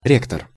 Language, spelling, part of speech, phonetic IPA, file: Russian, ректор, noun, [ˈrʲektər], Ru-ректор.ogg
- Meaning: 1. chancellor, president, rector (of a university) 2. rector